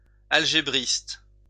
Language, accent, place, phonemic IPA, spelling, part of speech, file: French, France, Lyon, /al.ʒe.bʁist/, algébriste, noun, LL-Q150 (fra)-algébriste.wav
- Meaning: algebraist